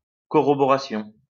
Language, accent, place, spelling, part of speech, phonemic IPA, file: French, France, Lyon, corroboration, noun, /kɔ.ʁɔ.bɔ.ʁa.sjɔ̃/, LL-Q150 (fra)-corroboration.wav
- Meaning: corroboration, verification, confirmation